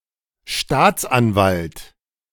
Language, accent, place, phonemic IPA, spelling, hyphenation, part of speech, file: German, Germany, Berlin, /ˈʃtaːt͡sˌʔanvalt/, Staatsanwalt, Staats‧an‧walt, noun, De-Staatsanwalt.ogg
- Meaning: 1. public prosecutor (UK), district attorney (US) 2. a state counsel, Crown attorney, and hence any jurist who ex officio has to attain proceedings to uphold legality